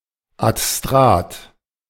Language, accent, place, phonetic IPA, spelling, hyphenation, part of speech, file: German, Germany, Berlin, [atˈstʁaːt], Adstrat, Ad‧strat, noun, De-Adstrat.ogg
- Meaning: adstratum (any language having elements that are responsible for change in neighbouring languages)